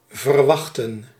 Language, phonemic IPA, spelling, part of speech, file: Dutch, /vərˈwɑxtə(n)/, verwachten, verb, Nl-verwachten.ogg
- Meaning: to expect, await